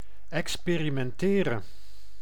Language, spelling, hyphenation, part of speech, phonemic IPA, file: Dutch, experimenteren, ex‧pe‧ri‧men‧te‧ren, verb, /ˌɛkspeːrimɛnˈteːrə(n)/, Nl-experimenteren.ogg
- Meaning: to experiment